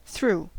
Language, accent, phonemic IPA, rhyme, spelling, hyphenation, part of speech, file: English, US, /θɹu/, -uː, through, through, preposition / adjective / adverb, En-us-through.ogg
- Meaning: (preposition) From one side or end of (something) to the other.: So as to enter (something), pass within or across, and then leave